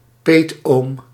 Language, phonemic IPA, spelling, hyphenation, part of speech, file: Dutch, /ˈpeːt.oːm/, peetoom, peet‧oom, noun, Nl-peetoom.ogg
- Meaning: godfather